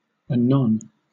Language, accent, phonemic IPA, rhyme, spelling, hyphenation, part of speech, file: English, Southern England, /əˈnɒn/, -ɒn, anon, a‧non, adverb / noun / adjective, LL-Q1860 (eng)-anon.wav
- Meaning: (adverb) 1. Straight away; at once 2. Soon; in a little while 3. At another time; then; again